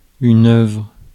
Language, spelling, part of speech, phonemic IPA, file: French, œuvre, noun, /œvʁ/, Fr-œuvre.ogg
- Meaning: 1. work, book, piece 2. activity, operation 3. complete body of an artist's work, or their works in a particular category